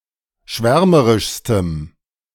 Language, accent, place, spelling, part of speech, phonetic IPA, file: German, Germany, Berlin, schwärmerischstem, adjective, [ˈʃvɛʁməʁɪʃstəm], De-schwärmerischstem.ogg
- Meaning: strong dative masculine/neuter singular superlative degree of schwärmerisch